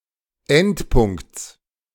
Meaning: genitive singular of Endpunkt
- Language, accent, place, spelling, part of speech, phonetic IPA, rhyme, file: German, Germany, Berlin, Endpunkts, noun, [ˈɛntˌpʊŋkt͡s], -ɛntpʊŋkt͡s, De-Endpunkts.ogg